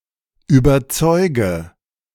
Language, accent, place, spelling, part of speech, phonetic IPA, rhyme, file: German, Germany, Berlin, überzeuge, verb, [yːbɐˈt͡sɔɪ̯ɡə], -ɔɪ̯ɡə, De-überzeuge.ogg
- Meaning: inflection of überzeugen: 1. first-person singular present 2. singular imperative 3. first/third-person singular subjunctive I